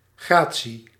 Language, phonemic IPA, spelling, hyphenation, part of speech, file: Dutch, /ˈɣraː.(t)si/, gratie, gra‧tie, noun, Nl-gratie.ogg
- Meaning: 1. grace, elegance, gracefulness 2. grace, mercy 3. clemency, commutation